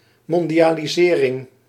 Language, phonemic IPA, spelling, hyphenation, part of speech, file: Dutch, /ˌmɔndiˌjaliˈzerɪŋ/, mondialisering, mon‧di‧a‧li‧se‧ring, noun, Nl-mondialisering.ogg
- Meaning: globalisation (UK), globalization (US)